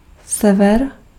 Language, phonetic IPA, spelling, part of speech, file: Czech, [ˈsɛvɛr], sever, noun, Cs-sever.ogg
- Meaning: north